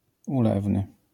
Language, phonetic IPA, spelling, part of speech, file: Polish, [uˈlɛvnɨ], ulewny, adjective, LL-Q809 (pol)-ulewny.wav